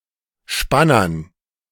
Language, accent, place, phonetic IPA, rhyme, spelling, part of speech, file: German, Germany, Berlin, [ˈʃpanɐn], -anɐn, Spannern, noun, De-Spannern.ogg
- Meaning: dative plural of Spanner